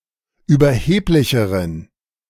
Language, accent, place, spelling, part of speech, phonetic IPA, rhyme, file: German, Germany, Berlin, überheblicheren, adjective, [yːbɐˈheːplɪçəʁən], -eːplɪçəʁən, De-überheblicheren.ogg
- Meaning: inflection of überheblich: 1. strong genitive masculine/neuter singular comparative degree 2. weak/mixed genitive/dative all-gender singular comparative degree